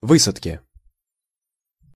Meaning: inflection of вы́садка (výsadka): 1. genitive singular 2. nominative/accusative plural
- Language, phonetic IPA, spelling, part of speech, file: Russian, [ˈvɨsətkʲɪ], высадки, noun, Ru-высадки.ogg